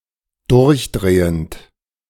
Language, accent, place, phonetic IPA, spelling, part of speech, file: German, Germany, Berlin, [ˈdʊʁçˌdʁeːənt], durchdrehend, verb, De-durchdrehend.ogg
- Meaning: present participle of durchdrehen